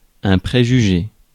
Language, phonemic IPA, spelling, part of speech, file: French, /pʁe.ʒy.ʒe/, préjugé, verb / noun, Fr-préjugé.ogg
- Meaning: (verb) past participle of préjuger; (noun) a prejudice, a bias